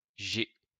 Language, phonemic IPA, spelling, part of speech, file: French, /ʒe/, g, character / symbol, LL-Q150 (fra)-g.wav
- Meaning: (character) The seventh letter of the French alphabet, written in the Latin script; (symbol) 1. g 2. abbreviation of j'ai (“I have”)